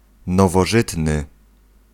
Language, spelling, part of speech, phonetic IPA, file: Polish, nowożytny, adjective, [ˌnɔvɔˈʒɨtnɨ], Pl-nowożytny.ogg